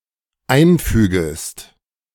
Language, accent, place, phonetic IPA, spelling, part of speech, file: German, Germany, Berlin, [ˈaɪ̯nˌfyːɡəst], einfügest, verb, De-einfügest.ogg
- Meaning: second-person singular dependent subjunctive I of einfügen